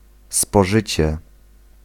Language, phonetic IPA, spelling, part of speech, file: Polish, [spɔˈʒɨt͡ɕɛ], spożycie, noun, Pl-spożycie.ogg